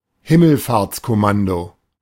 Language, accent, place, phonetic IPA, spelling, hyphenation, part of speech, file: German, Germany, Berlin, [ˈhɪməlfaːɐ̯t͡skɔˌmando], Himmelfahrtskommando, Him‧mel‧fahrts‧kom‧man‧do, noun, De-Himmelfahrtskommando.ogg
- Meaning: 1. suicide mission 2. the soldiers on such a mission